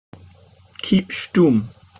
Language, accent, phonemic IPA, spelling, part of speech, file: English, Received Pronunciation, /kiːp ʃtʊm/, keep shtum, verb, En-uk-keep shtum.opus
- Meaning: To not tell anyone; especially, to keep silent about something that may be sensitive or secret